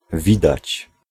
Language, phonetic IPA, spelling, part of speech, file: Polish, [ˈvʲidat͡ɕ], widać, verb, Pl-widać.ogg